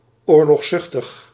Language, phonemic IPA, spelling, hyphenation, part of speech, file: Dutch, /ˌoːr.lɔxˈsʏx.təx/, oorlogszuchtig, oor‧logs‧zuch‧tig, adjective, Nl-oorlogszuchtig.ogg
- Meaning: militant, belligerent